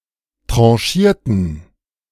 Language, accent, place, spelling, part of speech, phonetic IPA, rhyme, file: German, Germany, Berlin, tranchierten, adjective / verb, [ˌtʁɑ̃ˈʃiːɐ̯tn̩], -iːɐ̯tn̩, De-tranchierten.ogg
- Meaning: inflection of tranchieren: 1. first/third-person plural preterite 2. first/third-person plural subjunctive II